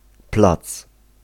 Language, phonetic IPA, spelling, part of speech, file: Polish, [plat͡s], plac, noun, Pl-plac.ogg